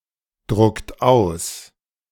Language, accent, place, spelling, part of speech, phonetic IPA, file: German, Germany, Berlin, druckt aus, verb, [ˌdʁʊkt ˈaʊ̯s], De-druckt aus.ogg
- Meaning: inflection of ausdrucken: 1. second-person plural present 2. third-person singular present 3. plural imperative